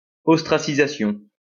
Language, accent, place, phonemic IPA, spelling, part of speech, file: French, France, Lyon, /ɔs.tʁa.si.za.sjɔ̃/, ostracisation, noun, LL-Q150 (fra)-ostracisation.wav
- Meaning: ostracization